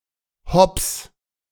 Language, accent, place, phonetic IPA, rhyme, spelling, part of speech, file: German, Germany, Berlin, [hɔps], -ɔps, hops, interjection / verb, De-hops.ogg
- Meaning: inflection of hopsen: 1. singular imperative 2. first-person singular present